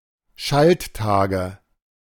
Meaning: nominative/accusative/genitive plural of Schalttag
- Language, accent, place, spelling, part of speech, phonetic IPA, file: German, Germany, Berlin, Schalttage, noun, [ˈʃaltˌtaːɡə], De-Schalttage.ogg